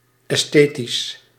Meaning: aesthetic
- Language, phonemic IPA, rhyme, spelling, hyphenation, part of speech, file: Dutch, /ˌɛsˈteː.tis/, -eːtis, esthetisch, es‧the‧tisch, adjective, Nl-esthetisch.ogg